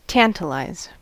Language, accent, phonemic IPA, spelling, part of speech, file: English, US, /ˈtæntəlaɪz/, tantalize, verb, En-us-tantalize.ogg
- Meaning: 1. To tease (someone) by offering or showing them something desirable but leaving them unsatisfied 2. To be teased by something desirable that is kept out of reach